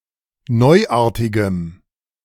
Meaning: strong dative masculine/neuter singular of neuartig
- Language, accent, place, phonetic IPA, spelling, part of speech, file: German, Germany, Berlin, [ˈnɔɪ̯ˌʔaːɐ̯tɪɡəm], neuartigem, adjective, De-neuartigem.ogg